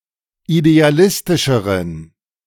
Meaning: inflection of idealistisch: 1. strong genitive masculine/neuter singular comparative degree 2. weak/mixed genitive/dative all-gender singular comparative degree
- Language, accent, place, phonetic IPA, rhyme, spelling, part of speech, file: German, Germany, Berlin, [ideaˈlɪstɪʃəʁən], -ɪstɪʃəʁən, idealistischeren, adjective, De-idealistischeren.ogg